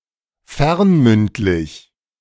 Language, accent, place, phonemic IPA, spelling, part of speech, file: German, Germany, Berlin, /ˈfɛʁnˌmʏntlɪç/, fernmündlich, adjective, De-fernmündlich.ogg
- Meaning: telephonic, by telephone